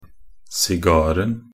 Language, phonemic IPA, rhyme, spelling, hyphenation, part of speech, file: Norwegian Bokmål, /sɪˈɡɑːrn̩/, -ɑːrn̩, sigaren, si‧gar‧en, noun, Nb-sigaren.ogg
- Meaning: definite singular of sigar